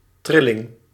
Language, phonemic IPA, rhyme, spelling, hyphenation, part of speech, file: Dutch, /ˈtrɪ.lɪŋ/, -ɪlɪŋ, trilling, tril‧ling, noun, Nl-trilling.ogg
- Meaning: vibration, oscillation